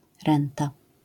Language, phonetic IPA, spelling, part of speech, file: Polish, [ˈrɛ̃nta], renta, noun, LL-Q809 (pol)-renta.wav